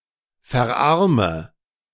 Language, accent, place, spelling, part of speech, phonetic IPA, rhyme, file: German, Germany, Berlin, verarme, verb, [fɛɐ̯ˈʔaʁmə], -aʁmə, De-verarme.ogg
- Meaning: inflection of verarmen: 1. first-person singular present 2. singular imperative 3. first/third-person singular subjunctive I